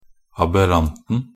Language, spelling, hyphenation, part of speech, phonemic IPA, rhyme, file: Norwegian Bokmål, aberranten, ab‧err‧ant‧en, noun, /abəˈrantn̩/, -antn̩, Nb-aberranten.ogg
- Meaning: definite singular of aberrant